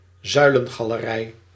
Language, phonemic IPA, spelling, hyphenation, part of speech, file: Dutch, /ˈzœy̯.lə(n).ɣaː.ləˌrɛi̯/, zuilengalerij, zui‧len‧ga‧le‧rij, noun, Nl-zuilengalerij.ogg
- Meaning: colonnade, peristyle